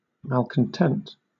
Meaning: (adjective) Dissatisfied with current conditions; disaffected, discontented, rebellious; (noun) A person who is not satisfied with current conditions; a discontented person, a rebel
- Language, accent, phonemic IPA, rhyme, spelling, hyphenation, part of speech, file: English, Southern England, /ˈmal.kən.tɛnt/, -ɛnt, malcontent, mal‧con‧tent, adjective / noun / verb, LL-Q1860 (eng)-malcontent.wav